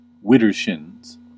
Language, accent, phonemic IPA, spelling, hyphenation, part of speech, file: English, US, /ˈwɪ.dɚ.ʃɪnz/, widdershins, wid‧der‧shins, adverb, En-us-widdershins.ogg
- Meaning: 1. Anticlockwise, counter-clockwise 2. The wrong way